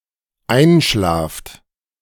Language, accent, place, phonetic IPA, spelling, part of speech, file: German, Germany, Berlin, [ˈaɪ̯nˌʃlaːft], einschlaft, verb, De-einschlaft.ogg
- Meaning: second-person plural dependent present of einschlafen